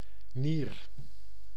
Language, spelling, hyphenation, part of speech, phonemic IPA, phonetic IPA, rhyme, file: Dutch, nier, nier, noun, /nir/, [niːr], -ir, Nl-nier.ogg
- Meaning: 1. a kidney 2. an animal kidney eaten as a food